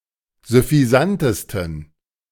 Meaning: 1. superlative degree of süffisant 2. inflection of süffisant: strong genitive masculine/neuter singular superlative degree
- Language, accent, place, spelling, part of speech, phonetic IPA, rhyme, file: German, Germany, Berlin, süffisantesten, adjective, [zʏfiˈzantəstn̩], -antəstn̩, De-süffisantesten.ogg